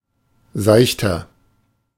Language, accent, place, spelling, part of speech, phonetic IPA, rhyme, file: German, Germany, Berlin, seichter, adjective, [ˈzaɪ̯çtɐ], -aɪ̯çtɐ, De-seichter.ogg
- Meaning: inflection of seicht: 1. strong/mixed nominative masculine singular 2. strong genitive/dative feminine singular 3. strong genitive plural